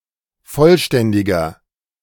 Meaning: 1. comparative degree of vollständig 2. inflection of vollständig: strong/mixed nominative masculine singular 3. inflection of vollständig: strong genitive/dative feminine singular
- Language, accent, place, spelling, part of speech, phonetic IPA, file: German, Germany, Berlin, vollständiger, adjective, [ˈfɔlˌʃtɛndɪɡɐ], De-vollständiger.ogg